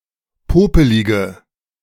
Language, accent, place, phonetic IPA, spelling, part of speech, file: German, Germany, Berlin, [ˈpoːpəlɪɡə], popelige, adjective, De-popelige.ogg
- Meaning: inflection of popelig: 1. strong/mixed nominative/accusative feminine singular 2. strong nominative/accusative plural 3. weak nominative all-gender singular 4. weak accusative feminine/neuter singular